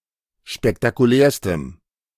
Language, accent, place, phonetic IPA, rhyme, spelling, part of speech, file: German, Germany, Berlin, [ʃpɛktakuˈlɛːɐ̯stəm], -ɛːɐ̯stəm, spektakulärstem, adjective, De-spektakulärstem.ogg
- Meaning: strong dative masculine/neuter singular superlative degree of spektakulär